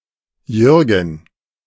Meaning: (proper noun) a male given name from Low German, equivalent to English George; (noun) willy, peter, johnson
- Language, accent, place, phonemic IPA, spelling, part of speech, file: German, Germany, Berlin, /ˈjʏrɡən/, Jürgen, proper noun / noun, De-Jürgen.ogg